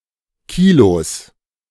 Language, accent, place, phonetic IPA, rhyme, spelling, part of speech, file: German, Germany, Berlin, [ˈkiːlos], -iːlos, Kilos, noun, De-Kilos.ogg
- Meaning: plural of Kilo